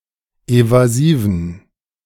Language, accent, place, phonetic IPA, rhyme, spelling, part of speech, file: German, Germany, Berlin, [ˌevaˈziːvn̩], -iːvn̩, evasiven, adjective, De-evasiven.ogg
- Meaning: inflection of evasiv: 1. strong genitive masculine/neuter singular 2. weak/mixed genitive/dative all-gender singular 3. strong/weak/mixed accusative masculine singular 4. strong dative plural